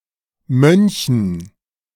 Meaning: dative plural of Mönch
- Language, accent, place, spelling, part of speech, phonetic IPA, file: German, Germany, Berlin, Mönchen, noun, [ˈmœnçn̩], De-Mönchen.ogg